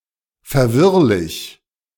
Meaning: confused, confusing
- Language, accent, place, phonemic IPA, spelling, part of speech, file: German, Germany, Berlin, /fɛɐ̯ˈvɪʁlɪç/, verwirrlich, adjective, De-verwirrlich.ogg